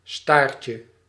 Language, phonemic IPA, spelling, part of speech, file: Dutch, /ˈstarcə/, staartje, noun, Nl-staartje.ogg
- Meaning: diminutive of staart